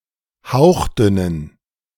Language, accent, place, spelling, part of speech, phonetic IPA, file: German, Germany, Berlin, hauchdünnen, adjective, [ˈhaʊ̯xˌdʏnən], De-hauchdünnen.ogg
- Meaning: inflection of hauchdünn: 1. strong genitive masculine/neuter singular 2. weak/mixed genitive/dative all-gender singular 3. strong/weak/mixed accusative masculine singular 4. strong dative plural